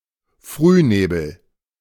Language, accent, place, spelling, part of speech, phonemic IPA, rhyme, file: German, Germany, Berlin, Frühnebel, noun, /ˈfryːneːbl̩/, -eːbl̩, De-Frühnebel.ogg
- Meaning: early morning fog